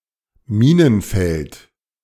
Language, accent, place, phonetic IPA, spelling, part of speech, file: German, Germany, Berlin, [ˈmiːnənˌfɛlt], Minenfeld, noun, De-Minenfeld.ogg
- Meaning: minefield